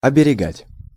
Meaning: to guard (against), to protect (from)
- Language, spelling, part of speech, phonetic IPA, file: Russian, оберегать, verb, [ɐbʲɪrʲɪˈɡatʲ], Ru-оберегать.ogg